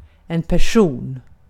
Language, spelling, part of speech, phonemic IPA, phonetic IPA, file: Swedish, person, noun, /pɛrˈsuːn/, [pɛˈʂuːn], Sv-person.ogg
- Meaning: 1. a person, (in the plural, in tone) people 2. person (any of the three hypostases of the Holy Trinity) 3. person